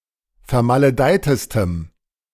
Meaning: strong dative masculine/neuter singular superlative degree of vermaledeit
- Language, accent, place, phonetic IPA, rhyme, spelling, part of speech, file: German, Germany, Berlin, [fɛɐ̯maləˈdaɪ̯təstəm], -aɪ̯təstəm, vermaledeitestem, adjective, De-vermaledeitestem.ogg